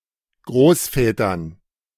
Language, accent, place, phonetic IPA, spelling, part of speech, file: German, Germany, Berlin, [ˈɡʁoːsˌfɛːtɐn], Großvätern, noun, De-Großvätern.ogg
- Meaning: dative plural of Großvater